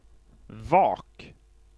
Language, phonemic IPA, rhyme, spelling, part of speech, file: Swedish, /ˈvɑːk/, -ɑːk, vak, noun, Sv-vak.ogg
- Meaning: 1. a (natural or cut) opening in an ice cover, a hole in the ice 2. a (natural or cut) opening in an ice cover, a hole in the ice: a polynya 3. vigil, watching (especially over someone sick or dying)